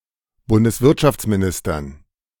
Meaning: dative plural of Bundeswirtschaftsminister
- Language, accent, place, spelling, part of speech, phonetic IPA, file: German, Germany, Berlin, Bundeswirtschaftsministern, noun, [ˌbʊndəsˈvɪʁtʃaft͡smiˌnɪstɐn], De-Bundeswirtschaftsministern.ogg